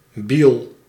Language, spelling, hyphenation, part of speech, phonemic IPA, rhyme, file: Dutch, biel, biel, noun, /bil/, -il, Nl-biel.ogg
- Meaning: railway sleeper